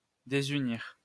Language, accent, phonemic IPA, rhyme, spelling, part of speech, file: French, France, /de.zy.niʁ/, -iʁ, désunir, verb, LL-Q150 (fra)-désunir.wav
- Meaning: to disunite, to separate, to divide